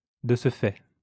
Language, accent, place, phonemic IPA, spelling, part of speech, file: French, France, Lyon, /də s(ə) fɛ/, de ce fait, adverb, LL-Q150 (fra)-de ce fait.wav
- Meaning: consequently, as a result, thereby, because of this